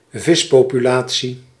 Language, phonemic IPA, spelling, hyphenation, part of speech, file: Dutch, /ˈvɪs.poː.pyˌlaː.(t)si/, vispopulatie, vis‧po‧pu‧la‧tie, noun, Nl-vispopulatie.ogg
- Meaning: fish population, fish stock